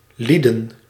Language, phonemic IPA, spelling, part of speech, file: Dutch, /ˈlidə(n)/, lieden, noun, Nl-lieden.ogg
- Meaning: men; people